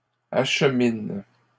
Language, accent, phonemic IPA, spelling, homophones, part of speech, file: French, Canada, /aʃ.min/, achemines, achemine / acheminent, verb, LL-Q150 (fra)-achemines.wav
- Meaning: second-person singular present indicative/subjunctive of acheminer